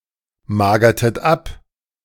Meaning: inflection of abmagern: 1. second-person plural preterite 2. second-person plural subjunctive II
- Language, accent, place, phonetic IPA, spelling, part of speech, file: German, Germany, Berlin, [ˌmaːɡɐtət ˈap], magertet ab, verb, De-magertet ab.ogg